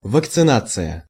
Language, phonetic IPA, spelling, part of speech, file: Russian, [vəkt͡sɨˈnat͡sɨjə], вакцинация, noun, Ru-вакцинация.ogg
- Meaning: vaccination